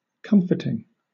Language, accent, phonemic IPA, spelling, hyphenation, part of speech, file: English, Southern England, /ˈkʌm.fə.tɪŋ/, comforting, com‧fort‧ing, adjective / verb / noun, LL-Q1860 (eng)-comforting.wav
- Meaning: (adjective) Giving comfort, especially in the sense of soothing distress; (verb) present participle and gerund of comfort; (noun) The act of giving comfort